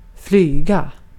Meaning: 1. to fly (with wings, on an airplane, through the air, etc. – generally, like in English) 2. to rove, to ambulate; to be out in the field without fixed position
- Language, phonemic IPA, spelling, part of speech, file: Swedish, /ˈflyːˌɡa/, flyga, verb, Sv-flyga.ogg